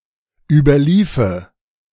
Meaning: first/third-person singular dependent subjunctive II of überlaufen
- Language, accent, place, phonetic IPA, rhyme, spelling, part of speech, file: German, Germany, Berlin, [ˌyːbɐˈliːfə], -iːfə, überliefe, verb, De-überliefe.ogg